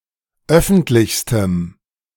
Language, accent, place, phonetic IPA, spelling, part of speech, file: German, Germany, Berlin, [ˈœfn̩tlɪçstəm], öffentlichstem, adjective, De-öffentlichstem.ogg
- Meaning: strong dative masculine/neuter singular superlative degree of öffentlich